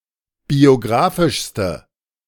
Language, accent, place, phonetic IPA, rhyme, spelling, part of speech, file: German, Germany, Berlin, [bioˈɡʁaːfɪʃstə], -aːfɪʃstə, biografischste, adjective, De-biografischste.ogg
- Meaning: inflection of biografisch: 1. strong/mixed nominative/accusative feminine singular superlative degree 2. strong nominative/accusative plural superlative degree